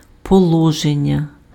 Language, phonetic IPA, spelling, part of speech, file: Ukrainian, [pɔˈɫɔʒenʲːɐ], положення, noun, Uk-положення.ogg
- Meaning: 1. location, position 2. posture 3. provision 4. thesis, statement 5. principle 6. state, condition